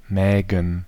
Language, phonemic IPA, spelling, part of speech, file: German, /mɛːɡən/, Mägen, noun, De-Mägen.ogg
- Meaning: plural of Magen